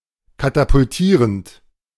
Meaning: present participle of katapultieren
- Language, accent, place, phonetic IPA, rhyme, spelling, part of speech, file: German, Germany, Berlin, [katapʊlˈtiːʁənt], -iːʁənt, katapultierend, verb, De-katapultierend.ogg